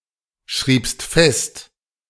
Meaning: second-person singular preterite of festschreiben
- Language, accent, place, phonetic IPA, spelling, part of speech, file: German, Germany, Berlin, [ˌʃʁiːpst ˈfɛst], schriebst fest, verb, De-schriebst fest.ogg